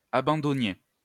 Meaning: inflection of abandonner: 1. second-person plural imperfect indicative 2. second-person plural present subjunctive
- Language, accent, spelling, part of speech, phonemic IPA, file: French, France, abandonniez, verb, /a.bɑ̃.dɔ.nje/, LL-Q150 (fra)-abandonniez.wav